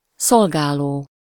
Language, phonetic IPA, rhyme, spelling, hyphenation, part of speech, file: Hungarian, [ˈsolɡaːloː], -loː, szolgáló, szol‧gá‧ló, verb / noun, Hu-szolgáló.ogg
- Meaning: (verb) present participle of szolgál: 1. serving for something, for use (-ra/-re) 2. serving (that or who serves or serve); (noun) girl, maid (female servant)